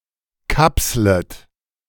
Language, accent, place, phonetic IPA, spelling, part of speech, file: German, Germany, Berlin, [ˈkapslət], kapslet, verb, De-kapslet.ogg
- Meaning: second-person plural subjunctive I of kapseln